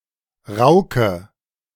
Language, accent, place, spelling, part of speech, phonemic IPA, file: German, Germany, Berlin, Rauke, noun, /ˈʁaʊkə/, De-Rauke.ogg
- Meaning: rocket/arugula (herb, a type of lettuce)